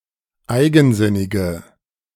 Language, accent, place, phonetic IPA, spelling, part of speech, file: German, Germany, Berlin, [ˈaɪ̯ɡn̩ˌzɪnɪɡə], eigensinnige, adjective, De-eigensinnige.ogg
- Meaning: inflection of eigensinnig: 1. strong/mixed nominative/accusative feminine singular 2. strong nominative/accusative plural 3. weak nominative all-gender singular